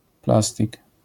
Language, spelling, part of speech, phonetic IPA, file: Polish, plastik, noun, [ˈplastʲik], LL-Q809 (pol)-plastik.wav